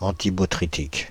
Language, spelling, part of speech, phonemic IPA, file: French, antibotrytique, adjective, /ɑ̃.ti.bɔ.tʁi.tik/, Fr-antibotrytique.ogg
- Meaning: antibotrytic, botryticidal